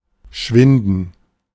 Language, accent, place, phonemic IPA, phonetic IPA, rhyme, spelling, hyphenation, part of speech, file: German, Germany, Berlin, /ˈʃvɪndən/, [ˈʃvɪndn̩], -ɪndn̩, schwinden, schwin‧den, verb, De-schwinden.ogg
- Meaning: to dwindle (to decrease, shrink, vanish)